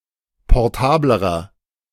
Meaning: inflection of portabel: 1. strong/mixed nominative masculine singular comparative degree 2. strong genitive/dative feminine singular comparative degree 3. strong genitive plural comparative degree
- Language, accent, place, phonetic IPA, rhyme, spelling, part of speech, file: German, Germany, Berlin, [pɔʁˈtaːbləʁɐ], -aːbləʁɐ, portablerer, adjective, De-portablerer.ogg